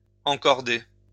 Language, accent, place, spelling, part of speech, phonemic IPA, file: French, France, Lyon, encorder, verb, /ɑ̃.kɔʁ.de/, LL-Q150 (fra)-encorder.wav
- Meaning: to rope up, connect with a rope